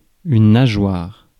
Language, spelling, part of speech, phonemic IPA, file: French, nageoire, noun, /na.ʒwaʁ/, Fr-nageoire.ogg
- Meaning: 1. fin (of fish) 2. flipper (of dolphin, seal, walrus etc.)